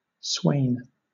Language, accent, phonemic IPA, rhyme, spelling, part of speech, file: English, Southern England, /sweɪn/, -eɪn, swain, noun, LL-Q1860 (eng)-swain.wav
- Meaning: 1. A young man or boy in service; a servant 2. A knight's servant; an attendant 3. A country labourer; a countryman, a rustic 4. A rural lover; a male sweetheart in a pastoral setting